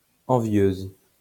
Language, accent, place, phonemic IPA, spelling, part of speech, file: French, France, Lyon, /ɑ̃.vjøz/, envieuse, adjective, LL-Q150 (fra)-envieuse.wav
- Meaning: feminine singular of envieux